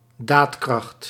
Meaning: 1. resolve, will to enact policy, willpower 2. capability to enforce policy
- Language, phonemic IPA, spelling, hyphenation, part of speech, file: Dutch, /ˈdaːt.krɑxt/, daadkracht, daad‧kracht, noun, Nl-daadkracht.ogg